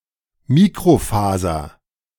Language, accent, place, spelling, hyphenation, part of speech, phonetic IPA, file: German, Germany, Berlin, Mikrofaser, Mi‧kro‧fa‧ser, noun, [ˈmiːkrofaːzɐ], De-Mikrofaser.ogg
- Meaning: microfiber